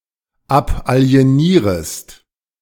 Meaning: second-person singular subjunctive I of abalienieren
- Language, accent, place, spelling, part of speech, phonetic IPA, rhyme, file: German, Germany, Berlin, abalienierest, verb, [ˌapʔali̯eˈniːʁəst], -iːʁəst, De-abalienierest.ogg